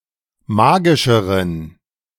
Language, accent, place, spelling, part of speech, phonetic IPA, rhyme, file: German, Germany, Berlin, magischeren, adjective, [ˈmaːɡɪʃəʁən], -aːɡɪʃəʁən, De-magischeren.ogg
- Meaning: inflection of magisch: 1. strong genitive masculine/neuter singular comparative degree 2. weak/mixed genitive/dative all-gender singular comparative degree